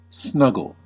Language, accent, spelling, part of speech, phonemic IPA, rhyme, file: English, US, snuggle, noun / verb, /ˈsnʌ.ɡəl/, -ʌɡəl, En-us-snuggle.ogg
- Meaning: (noun) 1. An affectionate hug 2. The final remnant left in a liquor bottle; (verb) To lie close to another person or thing, hugging or being cosy